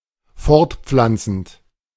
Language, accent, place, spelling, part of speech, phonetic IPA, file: German, Germany, Berlin, fortpflanzend, verb, [ˈfɔʁtˌp͡flant͡sn̩t], De-fortpflanzend.ogg
- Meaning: present participle of fortpflanzen